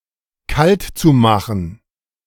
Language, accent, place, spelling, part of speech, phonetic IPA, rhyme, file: German, Germany, Berlin, kaltzumachen, verb, [ˈkaltt͡suˌmaxn̩], -altt͡sumaxn̩, De-kaltzumachen.ogg
- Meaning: zu-infinitive of kaltmachen